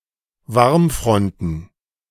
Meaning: plural of Warmfront
- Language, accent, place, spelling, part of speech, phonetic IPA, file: German, Germany, Berlin, Warmfronten, noun, [ˈvaʁmˌfʁɔntn̩], De-Warmfronten.ogg